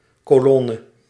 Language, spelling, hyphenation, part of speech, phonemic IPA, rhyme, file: Dutch, colonne, co‧lon‧ne, noun, /koːˈlɔnə/, -ɔnə, Nl-colonne.ogg
- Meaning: 1. column 2. column, pillar, sile